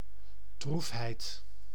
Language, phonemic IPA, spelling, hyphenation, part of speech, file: Dutch, /ˈdruf.ɦɛi̯t/, droefheid, droef‧heid, noun, Nl-droefheid.ogg
- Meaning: sadness, grief